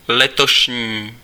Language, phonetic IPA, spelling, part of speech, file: Czech, [ˈlɛtoʃɲiː], letošní, adjective, Cs-letošní.ogg
- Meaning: of this year